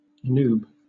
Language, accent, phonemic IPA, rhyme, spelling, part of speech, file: English, Southern England, /n(j)uːb/, -uːb, noob, noun, LL-Q1860 (eng)-noob.wav
- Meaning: 1. A newb or newbie; someone who is new to a game, concept, or idea; implying a lack of experience 2. Someone who is obsessed with something; a nerd